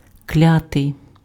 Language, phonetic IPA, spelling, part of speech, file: Ukrainian, [ˈklʲatei̯], клятий, verb / adjective, Uk-клятий.ogg
- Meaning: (verb) passive adjectival past participle of кля́сти́ (kljástý); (adjective) cursed, accursed, damned